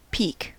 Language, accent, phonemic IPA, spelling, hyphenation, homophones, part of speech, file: English, General American, /pik/, pique, pi‧que, peak / peek / peke, verb / noun, En-us-pique.ogg
- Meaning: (verb) To wound the pride of (someone); to excite to anger; to irritate, to offend